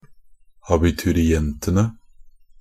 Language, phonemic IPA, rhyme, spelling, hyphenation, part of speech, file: Norwegian Bokmål, /abɪtʉrɪˈɛntənə/, -ənə, abiturientene, a‧bi‧tu‧ri‧en‧te‧ne, noun, NB - Pronunciation of Norwegian Bokmål «abiturientene».ogg
- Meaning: definite plural of abiturient